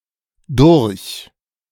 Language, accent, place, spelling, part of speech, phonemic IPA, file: German, Germany, Berlin, durch-, prefix, /dʊʁç/, De-durch-.ogg
- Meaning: through